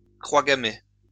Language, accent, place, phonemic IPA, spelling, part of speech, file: French, France, Lyon, /kʁwa ɡa.me/, croix gammée, noun, LL-Q150 (fra)-croix gammée.wav
- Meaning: swastika, in particular with relation to National Socialism and the Nazi party